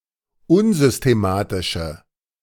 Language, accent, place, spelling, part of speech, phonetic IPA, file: German, Germany, Berlin, unsystematische, adjective, [ˈʊnzʏsteˌmaːtɪʃə], De-unsystematische.ogg
- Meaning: inflection of unsystematisch: 1. strong/mixed nominative/accusative feminine singular 2. strong nominative/accusative plural 3. weak nominative all-gender singular